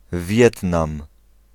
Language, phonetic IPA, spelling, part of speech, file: Polish, [ˈvʲjɛtnãm], Wietnam, proper noun, Pl-Wietnam.ogg